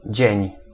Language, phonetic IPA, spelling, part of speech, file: Polish, [d͡ʑɛ̇̃ɲ], dzień, noun, Pl-dzień.ogg